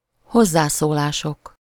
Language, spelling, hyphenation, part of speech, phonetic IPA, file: Hungarian, hozzászólások, hoz‧zá‧szó‧lá‧sok, noun, [ˈhozːaːsoːlaːʃok], Hu-hozzászólások.ogg
- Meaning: nominative plural of hozzászólás